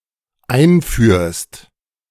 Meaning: second-person singular dependent present of einführen
- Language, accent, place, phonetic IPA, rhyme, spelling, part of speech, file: German, Germany, Berlin, [ˈaɪ̯nˌfyːɐ̯st], -aɪ̯nfyːɐ̯st, einführst, verb, De-einführst.ogg